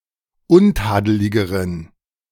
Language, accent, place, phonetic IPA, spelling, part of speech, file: German, Germany, Berlin, [ˈʊnˌtaːdəlɪɡəʁən], untadeligeren, adjective, De-untadeligeren.ogg
- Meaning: inflection of untadelig: 1. strong genitive masculine/neuter singular comparative degree 2. weak/mixed genitive/dative all-gender singular comparative degree